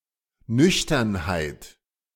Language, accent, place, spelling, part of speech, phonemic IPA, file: German, Germany, Berlin, Nüchternheit, noun, /ˈnʏçtɐnhaɪ̯t/, De-Nüchternheit.ogg
- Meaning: 1. sobriety 2. austerity